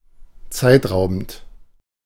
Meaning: time-consuming
- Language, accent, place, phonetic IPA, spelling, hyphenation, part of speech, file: German, Germany, Berlin, [ˈt͡saɪ̯tˌʁaʊ̯bn̩t], zeitraubend, zeit‧rau‧bend, adjective, De-zeitraubend.ogg